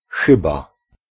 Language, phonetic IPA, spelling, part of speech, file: Polish, [ˈxɨba], chyba, particle / noun / preposition, Pl-chyba.ogg